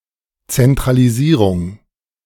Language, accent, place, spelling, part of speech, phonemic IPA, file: German, Germany, Berlin, Zentralisierung, noun, /ˌt͡sɛntʁaliˈziːʁʊŋ/, De-Zentralisierung.ogg
- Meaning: centralization